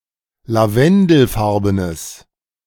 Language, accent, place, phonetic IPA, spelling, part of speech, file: German, Germany, Berlin, [laˈvɛndl̩ˌfaʁbənəs], lavendelfarbenes, adjective, De-lavendelfarbenes.ogg
- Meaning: strong/mixed nominative/accusative neuter singular of lavendelfarben